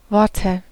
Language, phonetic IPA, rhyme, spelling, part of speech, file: German, [ˈvɔʁtə], -ɔʁtə, Worte, noun, De-Worte.ogg
- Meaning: nominative/accusative/genitive plural of Wort